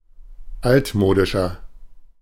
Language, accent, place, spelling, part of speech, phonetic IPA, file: German, Germany, Berlin, altmodischer, adjective, [ˈaltˌmoːdɪʃɐ], De-altmodischer.ogg
- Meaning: 1. comparative degree of altmodisch 2. inflection of altmodisch: strong/mixed nominative masculine singular 3. inflection of altmodisch: strong genitive/dative feminine singular